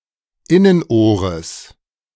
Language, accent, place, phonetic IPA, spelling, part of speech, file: German, Germany, Berlin, [ˈɪnənˌʔoːʁəs], Innenohres, noun, De-Innenohres.ogg
- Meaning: genitive singular of Innenohr